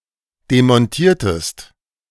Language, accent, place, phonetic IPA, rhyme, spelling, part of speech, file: German, Germany, Berlin, [demɔnˈtiːɐ̯təst], -iːɐ̯təst, demontiertest, verb, De-demontiertest.ogg
- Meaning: inflection of demontieren: 1. second-person singular preterite 2. second-person singular subjunctive II